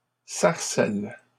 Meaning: plural of sarcelle
- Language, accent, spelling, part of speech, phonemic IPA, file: French, Canada, sarcelles, noun, /saʁ.sɛl/, LL-Q150 (fra)-sarcelles.wav